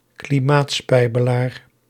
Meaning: a climate striker who skips school in order to protest
- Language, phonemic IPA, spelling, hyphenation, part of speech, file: Dutch, /kliˈmaːtˌspɛi̯.bə.laːr/, klimaatspijbelaar, kli‧maat‧spij‧be‧laar, noun, Nl-klimaatspijbelaar.ogg